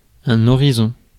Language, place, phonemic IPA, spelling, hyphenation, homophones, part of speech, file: French, Paris, /ɔ.ʁi.zɔ̃/, horizon, ho‧ri‧zon, horizons, noun, Fr-horizon.ogg
- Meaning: horizon